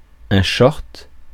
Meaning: shorts, short trousers (UK)
- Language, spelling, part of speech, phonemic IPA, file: French, short, noun, /ʃɔʁt/, Fr-short.ogg